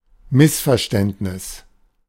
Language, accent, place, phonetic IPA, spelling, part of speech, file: German, Germany, Berlin, [ˈmɪsfɛɐ̯ʃtɛntnɪs], Missverständnis, noun, De-Missverständnis.ogg
- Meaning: misunderstanding, misinterpretation